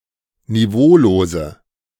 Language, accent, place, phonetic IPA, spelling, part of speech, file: German, Germany, Berlin, [niˈvoːloːzə], niveaulose, adjective, De-niveaulose.ogg
- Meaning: inflection of niveaulos: 1. strong/mixed nominative/accusative feminine singular 2. strong nominative/accusative plural 3. weak nominative all-gender singular